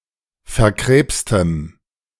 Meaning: strong dative masculine/neuter singular of verkrebst
- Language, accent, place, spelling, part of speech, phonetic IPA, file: German, Germany, Berlin, verkrebstem, adjective, [fɛɐ̯ˈkʁeːpstəm], De-verkrebstem.ogg